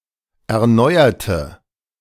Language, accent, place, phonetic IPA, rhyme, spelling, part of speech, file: German, Germany, Berlin, [ɛɐ̯ˈnɔɪ̯ɐtə], -ɔɪ̯ɐtə, erneuerte, adjective / verb, De-erneuerte.ogg
- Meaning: inflection of erneuern: 1. first/third-person singular preterite 2. first/third-person singular subjunctive II